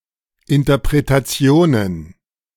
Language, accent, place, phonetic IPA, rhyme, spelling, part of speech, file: German, Germany, Berlin, [ɪntɐpʁetaˈt͡si̯oːnən], -oːnən, Interpretationen, noun, De-Interpretationen.ogg
- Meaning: plural of Interpretation